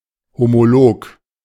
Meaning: homologous (all senses)
- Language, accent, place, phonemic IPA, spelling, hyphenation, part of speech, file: German, Germany, Berlin, /homoˈloːk/, homolog, ho‧mo‧log, adjective, De-homolog.ogg